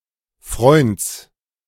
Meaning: genitive singular of Freund
- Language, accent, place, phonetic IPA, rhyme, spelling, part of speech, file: German, Germany, Berlin, [fʁɔɪ̯nt͡s], -ɔɪ̯nt͡s, Freunds, noun, De-Freunds.ogg